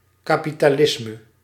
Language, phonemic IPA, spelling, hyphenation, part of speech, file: Dutch, /ˌkapitaˈlɪsmə/, kapitalisme, ka‧pi‧ta‧lis‧me, noun, Nl-kapitalisme.ogg
- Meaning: capitalism